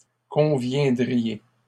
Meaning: second-person plural conditional of convenir
- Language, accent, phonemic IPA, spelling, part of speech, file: French, Canada, /kɔ̃.vjɛ̃.dʁi.je/, conviendriez, verb, LL-Q150 (fra)-conviendriez.wav